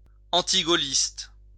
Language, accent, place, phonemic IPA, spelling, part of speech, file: French, France, Lyon, /ɑ̃.ti.ɡo.list/, antigaulliste, adjective, LL-Q150 (fra)-antigaulliste.wav
- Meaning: anti-Gaullist